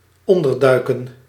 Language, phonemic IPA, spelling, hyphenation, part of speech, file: Dutch, /ˈɔndərˌdœy̯kə(n)/, onderduiken, on‧der‧dui‧ken, verb, Nl-onderduiken.ogg
- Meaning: 1. to dive, submerge, submerse 2. to go into hiding; to live a hidden life